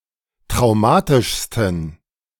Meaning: 1. superlative degree of traumatisch 2. inflection of traumatisch: strong genitive masculine/neuter singular superlative degree
- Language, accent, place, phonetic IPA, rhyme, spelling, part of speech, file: German, Germany, Berlin, [tʁaʊ̯ˈmaːtɪʃstn̩], -aːtɪʃstn̩, traumatischsten, adjective, De-traumatischsten.ogg